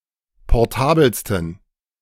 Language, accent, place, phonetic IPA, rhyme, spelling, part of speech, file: German, Germany, Berlin, [pɔʁˈtaːbl̩stn̩], -aːbl̩stn̩, portabelsten, adjective, De-portabelsten.ogg
- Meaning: 1. superlative degree of portabel 2. inflection of portabel: strong genitive masculine/neuter singular superlative degree